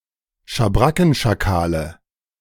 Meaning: 1. dative singular of Schabrackenschakal 2. nominative plural of Schabrackenschakal 3. genitive plural of Schabrackenschakal 4. accusative plural of Schabrackenschakal
- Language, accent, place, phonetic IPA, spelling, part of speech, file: German, Germany, Berlin, [ʃaˈbʁakn̩ʃaˌkaːlə], Schabrackenschakale, noun, De-Schabrackenschakale.ogg